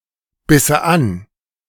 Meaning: first/third-person singular subjunctive II of anbeißen
- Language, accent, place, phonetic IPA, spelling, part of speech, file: German, Germany, Berlin, [ˌbɪsə ˈan], bisse an, verb, De-bisse an.ogg